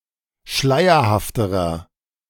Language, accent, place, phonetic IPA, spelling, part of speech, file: German, Germany, Berlin, [ˈʃlaɪ̯ɐhaftəʁɐ], schleierhafterer, adjective, De-schleierhafterer.ogg
- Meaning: inflection of schleierhaft: 1. strong/mixed nominative masculine singular comparative degree 2. strong genitive/dative feminine singular comparative degree 3. strong genitive plural comparative degree